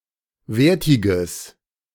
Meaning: strong/mixed nominative/accusative neuter singular of wertig
- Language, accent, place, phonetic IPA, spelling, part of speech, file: German, Germany, Berlin, [ˈveːɐ̯tɪɡəs], wertiges, adjective, De-wertiges.ogg